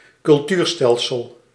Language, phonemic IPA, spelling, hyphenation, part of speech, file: Dutch, /kʏlˈtyːrˌstɛl.səl/, cultuurstelsel, cul‧tuur‧stel‧sel, proper noun, Nl-cultuurstelsel.ogg